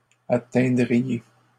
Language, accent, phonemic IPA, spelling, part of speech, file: French, Canada, /a.tɛ̃.dʁi.je/, atteindriez, verb, LL-Q150 (fra)-atteindriez.wav
- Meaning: second-person plural conditional of atteindre